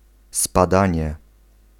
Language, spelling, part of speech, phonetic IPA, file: Polish, spadanie, noun, [spaˈdãɲɛ], Pl-spadanie.ogg